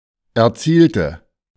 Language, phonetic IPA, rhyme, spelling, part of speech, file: German, [ɛɐ̯ˈt͡siːltə], -iːltə, erzielte, adjective / verb, De-erzielte.oga
- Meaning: inflection of erzielt: 1. strong/mixed nominative/accusative feminine singular 2. strong nominative/accusative plural 3. weak nominative all-gender singular 4. weak accusative feminine/neuter singular